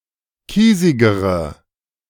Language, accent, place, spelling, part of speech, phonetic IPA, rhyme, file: German, Germany, Berlin, kiesigere, adjective, [ˈkiːzɪɡəʁə], -iːzɪɡəʁə, De-kiesigere.ogg
- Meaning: inflection of kiesig: 1. strong/mixed nominative/accusative feminine singular comparative degree 2. strong nominative/accusative plural comparative degree